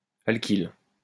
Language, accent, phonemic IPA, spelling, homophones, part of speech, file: French, France, /al.kil/, alkyle, alkylent / alkyles, noun / verb, LL-Q150 (fra)-alkyle.wav
- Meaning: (noun) alkyl; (verb) inflection of alkyler: 1. first/third-person singular present indicative/subjunctive 2. second-person singular imperative